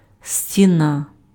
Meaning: wall (of a building)
- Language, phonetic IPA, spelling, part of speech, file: Ukrainian, [sʲtʲiˈna], стіна, noun, Uk-стіна.ogg